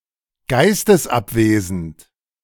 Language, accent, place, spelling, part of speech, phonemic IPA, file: German, Germany, Berlin, geistesabwesend, adjective, /ˈɡaɪ̯stəsˌapˌveːzənt/, De-geistesabwesend.ogg
- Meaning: distracted; not concentrated; absent-minded